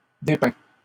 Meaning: masculine plural of dépeint
- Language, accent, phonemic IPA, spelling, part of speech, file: French, Canada, /de.pɛ̃/, dépeints, adjective, LL-Q150 (fra)-dépeints.wav